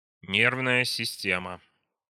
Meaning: nervous system
- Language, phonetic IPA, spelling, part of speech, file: Russian, [ˈnʲervnəjə sʲɪˈsʲtʲemə], нервная система, noun, Ru-нервная система.ogg